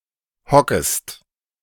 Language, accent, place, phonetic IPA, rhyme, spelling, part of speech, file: German, Germany, Berlin, [ˈhɔkəst], -ɔkəst, hockest, verb, De-hockest.ogg
- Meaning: second-person singular subjunctive I of hocken